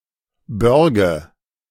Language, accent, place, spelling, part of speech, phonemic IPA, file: German, Germany, Berlin, Börge, proper noun / noun, /ˈbœʁɡə/, De-Börge.ogg
- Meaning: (proper noun) a male given name; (noun) nominative/accusative/genitive plural of Borg